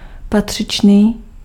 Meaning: proper, due, appropriate
- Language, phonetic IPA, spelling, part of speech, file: Czech, [ˈpatr̝̊ɪt͡ʃniː], patřičný, adjective, Cs-patřičný.ogg